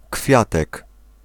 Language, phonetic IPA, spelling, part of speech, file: Polish, [ˈkfʲjatɛk], kwiatek, noun, Pl-kwiatek.ogg